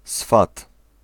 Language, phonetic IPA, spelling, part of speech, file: Polish, [sfat], swat, noun, Pl-swat.ogg